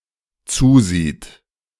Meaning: third-person singular dependent present of zusehen
- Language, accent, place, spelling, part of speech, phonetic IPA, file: German, Germany, Berlin, zusieht, verb, [ˈt͡suːˌziːt], De-zusieht.ogg